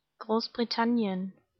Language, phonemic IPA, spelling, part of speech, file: German, /ˌɡʁoːs.bʁɪˈtan.jən/, Großbritannien, proper noun, De-Großbritannien.ogg
- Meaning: Great Britain (a large island (sometimes also including some of the surrounding smaller islands) off the north-west coast of Western Europe, made up of England, Scotland, and Wales)